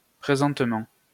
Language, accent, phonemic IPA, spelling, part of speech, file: French, France, /pʁe.zɑ̃t.mɑ̃/, présentement, adverb, LL-Q150 (fra)-présentement.wav
- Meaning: presently, currently